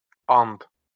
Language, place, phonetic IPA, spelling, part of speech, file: Azerbaijani, Baku, [ɑnd], and, noun, LL-Q9292 (aze)-and.wav
- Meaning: oath